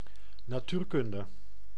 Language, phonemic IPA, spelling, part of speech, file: Dutch, /naːˈtyrkʏndə/, natuurkunde, noun, Nl-natuurkunde.ogg
- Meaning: physics